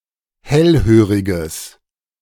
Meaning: strong/mixed nominative/accusative neuter singular of hellhörig
- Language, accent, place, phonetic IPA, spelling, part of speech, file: German, Germany, Berlin, [ˈhɛlˌhøːʁɪɡəs], hellhöriges, adjective, De-hellhöriges.ogg